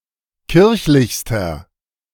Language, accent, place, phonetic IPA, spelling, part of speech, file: German, Germany, Berlin, [ˈkɪʁçlɪçstɐ], kirchlichster, adjective, De-kirchlichster.ogg
- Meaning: inflection of kirchlich: 1. strong/mixed nominative masculine singular superlative degree 2. strong genitive/dative feminine singular superlative degree 3. strong genitive plural superlative degree